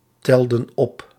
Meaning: inflection of optellen: 1. plural past indicative 2. plural past subjunctive
- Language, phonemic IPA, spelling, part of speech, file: Dutch, /ˈtɛldə(n) ˈɔp/, telden op, verb, Nl-telden op.ogg